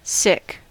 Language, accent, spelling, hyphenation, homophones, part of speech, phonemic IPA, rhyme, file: English, US, sick, sick, sic / Sikh, adjective / noun / verb, /ˈsɪk/, -ɪk, En-us-sick.ogg
- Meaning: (adjective) 1. In poor health; ill 2. In poor health; ill.: [with with] Afflicted by (a specific condition, usually medical) 3. Having an urge to vomit 4. Mentally unstable, disturbed 5. In bad taste